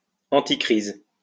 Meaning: anticrisis
- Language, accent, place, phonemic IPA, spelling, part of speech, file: French, France, Lyon, /ɑ̃.ti.kʁiz/, anticrise, adjective, LL-Q150 (fra)-anticrise.wav